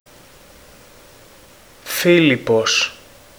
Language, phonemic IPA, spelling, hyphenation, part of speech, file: Greek, /ˈfi.li.pos/, Φίλιππος, Φί‧λιπ‧πος, proper noun, Ell-Filippos.ogg
- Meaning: 1. a male given name, Filippos, equivalent to English Philip 2. see Φίλιπποι (Fílippoi, “Philippi”) (placename)